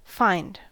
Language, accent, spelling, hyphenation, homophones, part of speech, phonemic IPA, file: English, US, find, find, fined, verb / noun, /ˈfaɪ̯nd/, En-us-find.ogg
- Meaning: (verb) To locate.: 1. To encounter or discover by accident; to happen upon 2. To encounter or discover something being searched for; to locate 3. To locate on behalf of another